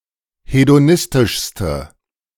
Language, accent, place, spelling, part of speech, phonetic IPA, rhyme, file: German, Germany, Berlin, hedonistischste, adjective, [hedoˈnɪstɪʃstə], -ɪstɪʃstə, De-hedonistischste.ogg
- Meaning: inflection of hedonistisch: 1. strong/mixed nominative/accusative feminine singular superlative degree 2. strong nominative/accusative plural superlative degree